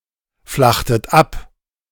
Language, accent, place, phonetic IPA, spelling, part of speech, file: German, Germany, Berlin, [ˌflaxtət ˈap], flachtet ab, verb, De-flachtet ab.ogg
- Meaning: inflection of abflachen: 1. second-person plural preterite 2. second-person plural subjunctive II